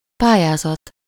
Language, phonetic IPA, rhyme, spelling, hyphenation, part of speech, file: Hungarian, [ˈpaːjaːzɒt], -ɒt, pályázat, pá‧lyá‧zat, noun, Hu-pályázat.ogg
- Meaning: 1. application 2. competition